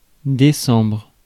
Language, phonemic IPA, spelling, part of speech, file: French, /de.sɑ̃bʁ/, décembre, noun, Fr-décembre.ogg
- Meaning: December